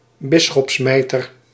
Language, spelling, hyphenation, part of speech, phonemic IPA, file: Dutch, bisschopsmijter, bis‧schops‧mij‧ter, noun, /ˈbɪs.xɔpsˌmɛi̯.tər/, Nl-bisschopsmijter.ogg
- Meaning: episcopal mitre, mitre of a bishop